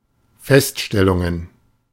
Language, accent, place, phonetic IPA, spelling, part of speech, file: German, Germany, Berlin, [ˈfɛstʃtɛlʊŋən], Feststellungen, noun, De-Feststellungen.ogg
- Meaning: plural of Feststellung